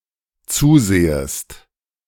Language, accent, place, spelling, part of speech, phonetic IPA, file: German, Germany, Berlin, zusehest, verb, [ˈt͡suːˌzeːəst], De-zusehest.ogg
- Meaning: second-person singular dependent subjunctive I of zusehen